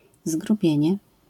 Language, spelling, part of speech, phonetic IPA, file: Polish, zgrubienie, noun, [zɡruˈbʲjɛ̇̃ɲɛ], LL-Q809 (pol)-zgrubienie.wav